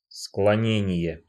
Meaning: 1. inclination 2. declension 3. declination
- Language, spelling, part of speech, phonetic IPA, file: Russian, склонение, noun, [skɫɐˈnʲenʲɪje], Ru-склонение.ogg